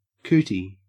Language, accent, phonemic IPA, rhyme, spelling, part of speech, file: English, Australia, /ˈkuːti/, -uːti, cootie, noun, En-au-cootie.ogg
- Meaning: 1. A louse (Pediculus humanus) 2. Any germ or contaminant, real or imagined, especially from the opposite gender (for pre-pubescent children)